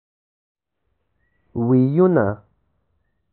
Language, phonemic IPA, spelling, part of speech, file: Pashto, /wijuna/, وييونه, noun, وييونه.ogg
- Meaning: 1. plural of ويی 2. words